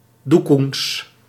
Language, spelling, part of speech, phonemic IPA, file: Dutch, doekoens, noun, /ˈdukuns/, Nl-doekoens.ogg
- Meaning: plural of doekoen